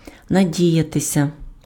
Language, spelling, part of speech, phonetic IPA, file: Ukrainian, надіятися, verb, [nɐˈdʲijɐtesʲɐ], Uk-надіятися.ogg
- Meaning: 1. to hope (for: на (na) + accusative case) 2. to rely (on: на (na) + accusative case)